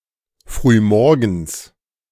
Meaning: early in the morning
- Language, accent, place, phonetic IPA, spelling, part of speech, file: German, Germany, Berlin, [fʁyːˈmɔʁɡn̩s], frühmorgens, adverb, De-frühmorgens.ogg